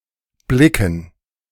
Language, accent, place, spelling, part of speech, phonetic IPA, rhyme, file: German, Germany, Berlin, Blicken, noun, [ˈblɪkn̩], -ɪkn̩, De-Blicken.ogg
- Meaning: dative plural of Blick